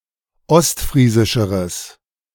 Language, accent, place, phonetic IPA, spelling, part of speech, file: German, Germany, Berlin, [ˈɔstˌfʁiːzɪʃəʁəs], ostfriesischeres, adjective, De-ostfriesischeres.ogg
- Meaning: strong/mixed nominative/accusative neuter singular comparative degree of ostfriesisch